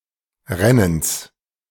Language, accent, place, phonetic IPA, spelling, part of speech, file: German, Germany, Berlin, [ˈʁɛnəns], Rennens, noun, De-Rennens.ogg
- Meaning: genitive singular of Rennen